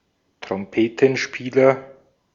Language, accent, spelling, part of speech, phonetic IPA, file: German, Austria, Trompetenspieler, noun, [tʁɔmˈpeːtənˌʃpiːlɐ], De-at-Trompetenspieler.ogg
- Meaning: trumpet player (male or of unspecified sex)